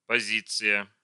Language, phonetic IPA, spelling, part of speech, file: Russian, [pɐˈzʲit͡sɨjə], позиция, noun, Ru-позиция.ogg
- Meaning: 1. position (usually in the sense "stance, attitude") 2. item (of goods, equipment, a commodity etc.)